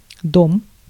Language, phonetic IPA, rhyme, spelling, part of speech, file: Russian, [dom], -om, дом, noun, Ru-дом.ogg
- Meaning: 1. house, building (a residential building) 2. house, home (as part of a name of an establishment) 3. plot (in some street addresses: a group of buildings sharing the same street number) 4. home